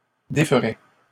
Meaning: first/second-person singular conditional of défaire
- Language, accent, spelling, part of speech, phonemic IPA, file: French, Canada, déferais, verb, /de.fʁɛ/, LL-Q150 (fra)-déferais.wav